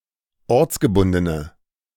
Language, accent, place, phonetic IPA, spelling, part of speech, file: German, Germany, Berlin, [ˈɔʁt͡sɡəˌbʊndənə], ortsgebundene, adjective, De-ortsgebundene.ogg
- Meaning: inflection of ortsgebunden: 1. strong/mixed nominative/accusative feminine singular 2. strong nominative/accusative plural 3. weak nominative all-gender singular